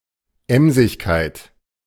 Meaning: industry, industriousness; sedulity
- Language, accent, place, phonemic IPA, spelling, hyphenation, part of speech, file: German, Germany, Berlin, /ˈɛmzɪçkaɪ̯t/, Emsigkeit, Em‧sig‧keit, noun, De-Emsigkeit.ogg